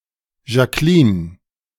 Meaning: a female given name
- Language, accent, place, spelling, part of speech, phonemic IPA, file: German, Germany, Berlin, Jacqueline, proper noun, /ʒaˈkliːn/, De-Jacqueline.ogg